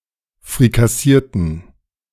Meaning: inflection of frikassieren: 1. first/third-person plural preterite 2. first/third-person plural subjunctive II
- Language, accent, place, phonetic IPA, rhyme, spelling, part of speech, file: German, Germany, Berlin, [fʁikaˈsiːɐ̯tn̩], -iːɐ̯tn̩, frikassierten, adjective / verb, De-frikassierten.ogg